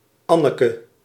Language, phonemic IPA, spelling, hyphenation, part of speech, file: Dutch, /ˈɑ.nə.kə/, Anneke, An‧ne‧ke, proper noun, Nl-Anneke.ogg
- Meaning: a diminutive of the female given name Anne